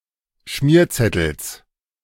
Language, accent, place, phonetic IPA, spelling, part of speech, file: German, Germany, Berlin, [ˈʃmiːɐ̯ˌt͡sɛtl̩s], Schmierzettels, noun, De-Schmierzettels.ogg
- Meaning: genitive singular of Schmierzettel